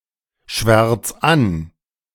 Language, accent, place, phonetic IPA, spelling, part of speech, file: German, Germany, Berlin, [ˌʃvɛʁt͡s ˈan], schwärz an, verb, De-schwärz an.ogg
- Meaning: 1. singular imperative of anschwärzen 2. first-person singular present of anschwärzen